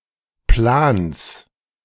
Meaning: genitive singular of Plan
- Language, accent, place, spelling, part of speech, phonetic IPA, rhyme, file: German, Germany, Berlin, Plans, noun, [plaːns], -aːns, De-Plans.ogg